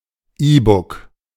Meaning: 1. e-book 2. e-reader
- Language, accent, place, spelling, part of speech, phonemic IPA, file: German, Germany, Berlin, E-Book, noun, /ˈiːbʊk/, De-E-Book.ogg